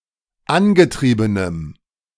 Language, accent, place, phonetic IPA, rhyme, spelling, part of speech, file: German, Germany, Berlin, [ˈanɡəˌtʁiːbənəm], -anɡətʁiːbənəm, angetriebenem, adjective, De-angetriebenem.ogg
- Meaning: strong dative masculine/neuter singular of angetrieben